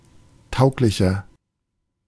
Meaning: inflection of tauglich: 1. strong/mixed nominative masculine singular 2. strong genitive/dative feminine singular 3. strong genitive plural
- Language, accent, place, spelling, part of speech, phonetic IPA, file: German, Germany, Berlin, tauglicher, adjective, [ˈtaʊ̯klɪçɐ], De-tauglicher.ogg